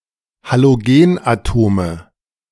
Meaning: nominative/accusative/genitive plural of Halogenatom
- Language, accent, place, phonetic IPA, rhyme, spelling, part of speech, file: German, Germany, Berlin, [haloˈɡeːnʔaˌtoːmə], -eːnʔatoːmə, Halogenatome, noun, De-Halogenatome.ogg